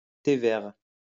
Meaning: green tea (drink)
- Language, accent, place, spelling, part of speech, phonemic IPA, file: French, France, Lyon, thé vert, noun, /te vɛʁ/, LL-Q150 (fra)-thé vert.wav